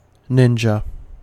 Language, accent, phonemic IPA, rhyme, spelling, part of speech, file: English, US, /ˈnɪnd͡ʒə/, -ɪndʒə, ninja, noun / adjective / verb, En-us-ninja.ogg
- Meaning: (noun) One trained in ninjutsu, especially one used for espionage, assassination, and other tasks requiring stealth during Japan's shogunate period